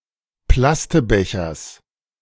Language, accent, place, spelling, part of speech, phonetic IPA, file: German, Germany, Berlin, Plastebechers, noun, [ˈplastəˌbɛçɐs], De-Plastebechers.ogg
- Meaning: genitive singular of Plastebecher